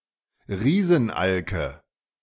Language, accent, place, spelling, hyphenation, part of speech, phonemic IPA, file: German, Germany, Berlin, Riesenalke, Rie‧sen‧al‧ke, noun, /ˈʁiːzn̩ˌʔalkə/, De-Riesenalke.ogg
- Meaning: nominative/accusative/genitive plural of Riesenalk